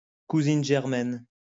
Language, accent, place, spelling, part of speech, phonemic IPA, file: French, France, Lyon, cousine germaine, noun, /ku.zin ʒɛʁ.mɛn/, LL-Q150 (fra)-cousine germaine.wav
- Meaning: female equivalent of cousin germain